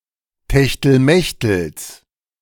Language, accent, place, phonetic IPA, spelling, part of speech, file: German, Germany, Berlin, [tɛçtl̩ˈmɛçtl̩s], Techtelmechtels, noun, De-Techtelmechtels.ogg
- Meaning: genitive singular of Techtelmechtel